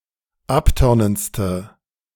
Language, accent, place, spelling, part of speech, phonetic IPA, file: German, Germany, Berlin, abtörnendste, adjective, [ˈapˌtœʁnənt͡stə], De-abtörnendste.ogg
- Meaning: inflection of abtörnend: 1. strong/mixed nominative/accusative feminine singular superlative degree 2. strong nominative/accusative plural superlative degree